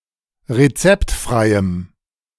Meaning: strong dative masculine/neuter singular of rezeptfrei
- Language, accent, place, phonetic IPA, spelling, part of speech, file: German, Germany, Berlin, [ʁeˈt͡sɛptˌfʁaɪ̯əm], rezeptfreiem, adjective, De-rezeptfreiem.ogg